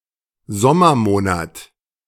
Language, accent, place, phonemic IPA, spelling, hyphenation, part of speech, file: German, Germany, Berlin, /ˈzɔmɐˌmoːnat/, Sommermonat, Som‧mer‧mo‧nat, noun, De-Sommermonat.ogg
- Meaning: summer month